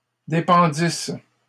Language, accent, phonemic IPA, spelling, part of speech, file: French, Canada, /de.pɑ̃.dis/, dépendisses, verb, LL-Q150 (fra)-dépendisses.wav
- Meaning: second-person singular imperfect subjunctive of dépendre